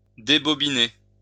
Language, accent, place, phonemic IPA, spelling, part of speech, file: French, France, Lyon, /de.bɔ.bi.ne/, débobiner, verb, LL-Q150 (fra)-débobiner.wav
- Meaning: to unwind (to wind off), to unspool